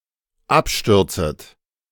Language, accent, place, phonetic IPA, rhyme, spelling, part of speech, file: German, Germany, Berlin, [ˈapˌʃtʏʁt͡sət], -apʃtʏʁt͡sət, abstürzet, verb, De-abstürzet.ogg
- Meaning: second-person plural dependent subjunctive I of abstürzen